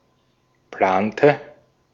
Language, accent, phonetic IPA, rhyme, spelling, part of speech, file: German, Austria, [ˈplaːntə], -aːntə, plante, verb, De-at-plante.ogg
- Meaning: inflection of planen: 1. first/third-person singular preterite 2. first/third-person singular subjunctive II